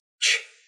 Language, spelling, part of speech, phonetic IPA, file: Russian, ч, character, [t͡ɕ], Ru-ч.ogg
- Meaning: The twenty-fifth letter of the Russian alphabet, called че (če) and written in the Cyrillic script